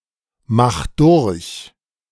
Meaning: 1. singular imperative of durchmachen 2. first-person singular present of durchmachen
- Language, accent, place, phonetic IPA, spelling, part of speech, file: German, Germany, Berlin, [ˌmax ˈdʊʁç], mach durch, verb, De-mach durch.ogg